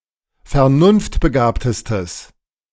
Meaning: strong/mixed nominative/accusative neuter singular superlative degree of vernunftbegabt
- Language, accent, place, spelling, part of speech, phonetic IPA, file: German, Germany, Berlin, vernunftbegabtestes, adjective, [fɛɐ̯ˈnʊnftbəˌɡaːptəstəs], De-vernunftbegabtestes.ogg